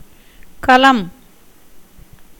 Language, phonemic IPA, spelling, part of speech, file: Tamil, /kɐlɐm/, கலம், noun, Ta-கலம்.ogg
- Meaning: 1. vessel, hollow utensil, as a cup, plate; earthenware 2. bottle-shaped vessel 3. ship, boat 4. jewel, ornament 5. lute 6. plough 7. weapon 8. document written on palm leaf